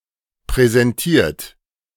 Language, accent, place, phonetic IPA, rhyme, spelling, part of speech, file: German, Germany, Berlin, [pʁɛzɛnˈtiːɐ̯t], -iːɐ̯t, präsentiert, verb, De-präsentiert.ogg
- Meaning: 1. past participle of präsentieren 2. second-person plural present of präsentieren